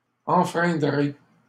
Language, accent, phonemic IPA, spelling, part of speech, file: French, Canada, /ɑ̃.fʁɛ̃.dʁe/, enfreindrai, verb, LL-Q150 (fra)-enfreindrai.wav
- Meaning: first-person singular simple future of enfreindre